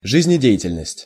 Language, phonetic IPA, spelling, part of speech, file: Russian, [ʐɨzʲnʲɪˈdʲe(j)ɪtʲɪlʲnəsʲtʲ], жизнедеятельность, noun, Ru-жизнедеятельность.ogg
- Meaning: 1. vital activity 2. life activity